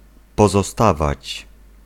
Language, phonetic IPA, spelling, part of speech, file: Polish, [ˌpɔzɔˈstavat͡ɕ], pozostawać, verb, Pl-pozostawać.ogg